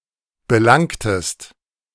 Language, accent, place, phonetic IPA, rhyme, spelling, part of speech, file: German, Germany, Berlin, [bəˈlaŋtəst], -aŋtəst, belangtest, verb, De-belangtest.ogg
- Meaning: inflection of belangen: 1. second-person singular preterite 2. second-person singular subjunctive II